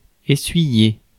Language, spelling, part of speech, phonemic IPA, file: French, essuyer, verb, /e.sɥi.je/, Fr-essuyer.ogg
- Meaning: 1. to wipe, to wipe down 2. to soak up